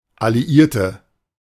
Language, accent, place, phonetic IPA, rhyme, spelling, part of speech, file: German, Germany, Berlin, [aliˈʔiːɐ̯tə], -iːɐ̯tə, Alliierte, noun, De-Alliierte.ogg
- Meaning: 1. inflection of Alliierter: strong nominative/accusative plural 2. inflection of Alliierter: weak nominative singular 3. female ally